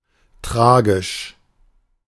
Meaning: tragic (causing great sadness)
- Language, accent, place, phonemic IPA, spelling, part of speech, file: German, Germany, Berlin, /ˈtʁaːɡɪʃ/, tragisch, adjective, De-tragisch.ogg